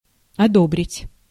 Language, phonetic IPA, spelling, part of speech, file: Russian, [ɐˈdobrʲɪtʲ], одобрить, verb, Ru-одобрить.ogg
- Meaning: to approbate, to approve, to pass, to sanction, to authorize